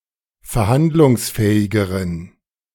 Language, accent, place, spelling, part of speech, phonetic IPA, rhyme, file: German, Germany, Berlin, verhandlungsfähigeren, adjective, [fɛɐ̯ˈhandlʊŋsˌfɛːɪɡəʁən], -andlʊŋsfɛːɪɡəʁən, De-verhandlungsfähigeren.ogg
- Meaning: inflection of verhandlungsfähig: 1. strong genitive masculine/neuter singular comparative degree 2. weak/mixed genitive/dative all-gender singular comparative degree